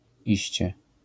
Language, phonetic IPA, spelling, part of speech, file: Polish, [ˈiɕt͡ɕɛ], iście, adverb / noun, LL-Q809 (pol)-iście.wav